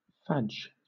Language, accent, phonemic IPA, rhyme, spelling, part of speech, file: English, Southern England, /fæd͡ʒ/, -ædʒ, fadge, verb / noun, LL-Q1860 (eng)-fadge.wav
- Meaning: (verb) 1. To be suitable (with or to something) 2. To agree, to get along (with) 3. To get on well; to cope, to thrive 4. To eat together 5. To move with a gait between a jog and a trot